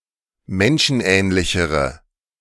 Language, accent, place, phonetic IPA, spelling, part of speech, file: German, Germany, Berlin, [ˈmɛnʃn̩ˌʔɛːnlɪçəʁə], menschenähnlichere, adjective, De-menschenähnlichere.ogg
- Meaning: inflection of menschenähnlich: 1. strong/mixed nominative/accusative feminine singular comparative degree 2. strong nominative/accusative plural comparative degree